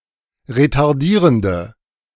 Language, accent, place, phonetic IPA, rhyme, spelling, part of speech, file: German, Germany, Berlin, [ʁetaʁˈdiːʁəndə], -iːʁəndə, retardierende, adjective, De-retardierende.ogg
- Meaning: inflection of retardierend: 1. strong/mixed nominative/accusative feminine singular 2. strong nominative/accusative plural 3. weak nominative all-gender singular